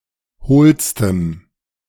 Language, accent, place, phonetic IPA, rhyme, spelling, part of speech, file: German, Germany, Berlin, [ˈhoːlstəm], -oːlstəm, hohlstem, adjective, De-hohlstem.ogg
- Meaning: strong dative masculine/neuter singular superlative degree of hohl